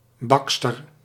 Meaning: female baker
- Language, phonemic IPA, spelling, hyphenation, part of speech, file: Dutch, /ˈbɑk.stər/, bakster, bak‧ster, noun, Nl-bakster.ogg